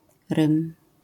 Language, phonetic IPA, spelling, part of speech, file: Polish, [rɨ̃m], rym, noun, LL-Q809 (pol)-rym.wav